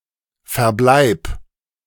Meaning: 1. whereabouts 2. disposition
- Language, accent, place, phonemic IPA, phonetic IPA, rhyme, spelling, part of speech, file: German, Germany, Berlin, /fɛʁˈblaɪ̯p/, [fɛɐ̯ˈblaɪ̯pʰ], -aɪ̯p, Verbleib, noun, De-Verbleib.ogg